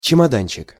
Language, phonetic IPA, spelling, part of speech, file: Russian, [t͡ɕɪmɐˈdanʲt͡ɕɪk], чемоданчик, noun, Ru-чемоданчик.ogg
- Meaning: diminutive of чемода́н (čemodán): (small) suitcase, case